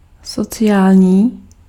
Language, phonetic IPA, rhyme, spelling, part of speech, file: Czech, [ˈsot͡sɪjaːlɲiː], -aːlɲiː, sociální, adjective, Cs-sociální.ogg
- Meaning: social (related to society)